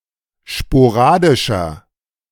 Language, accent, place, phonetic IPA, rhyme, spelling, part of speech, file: German, Germany, Berlin, [ʃpoˈʁaːdɪʃɐ], -aːdɪʃɐ, sporadischer, adjective, De-sporadischer.ogg
- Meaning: inflection of sporadisch: 1. strong/mixed nominative masculine singular 2. strong genitive/dative feminine singular 3. strong genitive plural